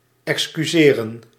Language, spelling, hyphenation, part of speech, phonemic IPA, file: Dutch, excuseren, ex‧cu‧se‧ren, verb, /ˌɛks.kyˈzeː.rə(n)/, Nl-excuseren.ogg
- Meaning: to excuse, to pardon, to forgive